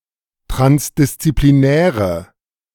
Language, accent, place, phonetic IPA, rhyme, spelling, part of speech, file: German, Germany, Berlin, [ˌtʁansdɪst͡sipliˈnɛːʁə], -ɛːʁə, transdisziplinäre, adjective, De-transdisziplinäre.ogg
- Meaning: inflection of transdisziplinär: 1. strong/mixed nominative/accusative feminine singular 2. strong nominative/accusative plural 3. weak nominative all-gender singular